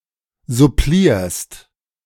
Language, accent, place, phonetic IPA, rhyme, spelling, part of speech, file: German, Germany, Berlin, [zʊˈpliːɐ̯st], -iːɐ̯st, supplierst, verb, De-supplierst.ogg
- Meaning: second-person singular present of supplieren